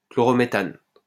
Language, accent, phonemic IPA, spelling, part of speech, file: French, France, /klɔ.ʁɔ.me.tan/, chlorométhane, noun, LL-Q150 (fra)-chlorométhane.wav
- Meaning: chloromethane